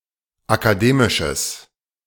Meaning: strong/mixed nominative/accusative neuter singular of akademisch
- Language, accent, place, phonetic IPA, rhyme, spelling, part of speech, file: German, Germany, Berlin, [akaˈdeːmɪʃəs], -eːmɪʃəs, akademisches, adjective, De-akademisches.ogg